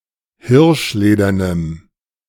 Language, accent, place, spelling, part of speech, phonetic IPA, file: German, Germany, Berlin, hirschledernem, adjective, [ˈhɪʁʃˌleːdɐnəm], De-hirschledernem.ogg
- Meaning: strong dative masculine/neuter singular of hirschledern